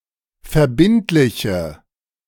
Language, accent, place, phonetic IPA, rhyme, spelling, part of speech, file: German, Germany, Berlin, [fɛɐ̯ˈbɪntlɪçə], -ɪntlɪçə, verbindliche, adjective, De-verbindliche.ogg
- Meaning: inflection of verbindlich: 1. strong/mixed nominative/accusative feminine singular 2. strong nominative/accusative plural 3. weak nominative all-gender singular